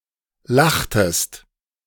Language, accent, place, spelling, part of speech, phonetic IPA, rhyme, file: German, Germany, Berlin, lachtest, verb, [ˈlaxtəst], -axtəst, De-lachtest.ogg
- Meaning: inflection of lachen: 1. second-person singular preterite 2. second-person singular subjunctive II